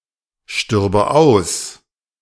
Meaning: first/third-person singular subjunctive II of aussterben
- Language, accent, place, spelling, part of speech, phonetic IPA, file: German, Germany, Berlin, stürbe aus, verb, [ˌʃtʏʁbə ˈaʊ̯s], De-stürbe aus.ogg